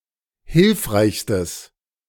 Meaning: strong/mixed nominative/accusative neuter singular superlative degree of hilfreich
- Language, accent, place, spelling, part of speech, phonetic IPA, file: German, Germany, Berlin, hilfreichstes, adjective, [ˈhɪlfʁaɪ̯çstəs], De-hilfreichstes.ogg